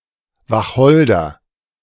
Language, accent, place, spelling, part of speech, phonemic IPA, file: German, Germany, Berlin, Wacholder, noun, /vaˈxɔl.dɐ/, De-Wacholder.ogg
- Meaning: juniper